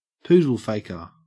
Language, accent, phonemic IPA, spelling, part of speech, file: English, Australia, /ˈpuːdəlˌfeɪkə/, poodle-faker, noun, En-au-poodle-faker.ogg
- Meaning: 1. A man who seeks out female society, especially for social or professional advancement 2. A recently commissioned officer